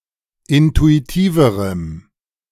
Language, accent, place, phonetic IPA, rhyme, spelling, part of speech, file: German, Germany, Berlin, [ˌɪntuiˈtiːvəʁəm], -iːvəʁəm, intuitiverem, adjective, De-intuitiverem.ogg
- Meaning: strong dative masculine/neuter singular comparative degree of intuitiv